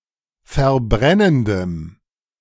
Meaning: strong dative masculine/neuter singular of verbrennend
- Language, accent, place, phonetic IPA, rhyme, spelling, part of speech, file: German, Germany, Berlin, [fɛɐ̯ˈbʁɛnəndəm], -ɛnəndəm, verbrennendem, adjective, De-verbrennendem.ogg